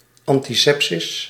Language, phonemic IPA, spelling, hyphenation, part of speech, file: Dutch, /ˌɑn.tiˈsɛp.sɪs/, antisepsis, an‧ti‧sep‧sis, noun, Nl-antisepsis.ogg
- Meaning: antisepsis